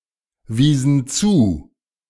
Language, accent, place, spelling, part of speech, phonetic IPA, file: German, Germany, Berlin, wiesen zu, verb, [ˌviːsn̩ ˈt͡suː], De-wiesen zu.ogg
- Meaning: inflection of zuweisen: 1. first/third-person plural preterite 2. first/third-person plural subjunctive II